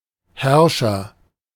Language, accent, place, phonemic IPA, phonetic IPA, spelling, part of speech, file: German, Germany, Berlin, /ˈhɛʁʃɐ/, [ˈhɛɐ̯ʃɐ], Herrscher, noun, De-Herrscher.ogg
- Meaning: agent noun of herrschen; ruler, monarch, sovereign